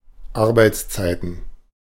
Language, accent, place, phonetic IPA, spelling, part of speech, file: German, Germany, Berlin, [ˈaʁbaɪ̯t͡sˌt͡saɪ̯tn̩], Arbeitszeiten, noun, De-Arbeitszeiten.ogg
- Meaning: plural of Arbeitszeit